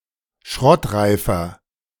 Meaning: 1. comparative degree of schrottreif 2. inflection of schrottreif: strong/mixed nominative masculine singular 3. inflection of schrottreif: strong genitive/dative feminine singular
- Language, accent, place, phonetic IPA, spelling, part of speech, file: German, Germany, Berlin, [ˈʃʁɔtˌʁaɪ̯fɐ], schrottreifer, adjective, De-schrottreifer.ogg